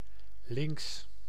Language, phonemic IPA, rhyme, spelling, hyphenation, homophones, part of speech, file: Dutch, /lɪŋks/, -ɪŋks, lynx, lynx, links, noun, Nl-lynx.ogg
- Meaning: 1. lynx (felid of the genus Lynx), also used of certain other medium-sized felids with large, plumed ears 2. Eurasian lynx (Lynx lynx)